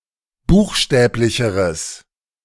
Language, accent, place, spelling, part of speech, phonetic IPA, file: German, Germany, Berlin, buchstäblicheres, adjective, [ˈbuːxˌʃtɛːplɪçəʁəs], De-buchstäblicheres.ogg
- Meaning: strong/mixed nominative/accusative neuter singular comparative degree of buchstäblich